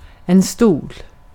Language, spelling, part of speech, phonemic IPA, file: Swedish, stol, noun, /stuːl/, Sv-stol.ogg
- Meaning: 1. a chair (item of furniture) 2. a chair (office, position)